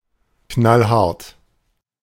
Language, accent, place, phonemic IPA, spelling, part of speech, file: German, Germany, Berlin, /ˈknalˈhaʁt/, knallhart, adjective, De-knallhart.ogg
- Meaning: tough (all senses)